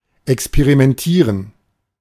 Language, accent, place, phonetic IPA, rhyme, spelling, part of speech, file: German, Germany, Berlin, [ɛkspeʁimɛnˈtiːʁən], -iːʁən, experimentieren, verb, De-experimentieren.ogg
- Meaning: to experiment